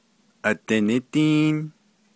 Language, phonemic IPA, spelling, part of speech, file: Navajo, /ʔɑ̀tɪ̀nɪ́tíːn/, adinídíín, verb / noun, Nv-adinídíín.ogg
- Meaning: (verb) there is light; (noun) light